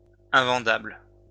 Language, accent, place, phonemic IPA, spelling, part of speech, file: French, France, Lyon, /ɛ̃.vɑ̃.dabl/, invendable, adjective, LL-Q150 (fra)-invendable.wav
- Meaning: unsaleable / unsellable, unmarketable